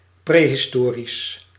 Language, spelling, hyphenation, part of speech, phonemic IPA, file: Dutch, prehistorisch, pre‧his‧to‧risch, adjective, /ˌpreː.ɦɪsˈtoː.ris/, Nl-prehistorisch.ogg
- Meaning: prehistorical